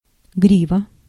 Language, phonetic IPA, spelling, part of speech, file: Russian, [ˈɡrʲivə], грива, noun, Ru-грива.ogg
- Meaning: mane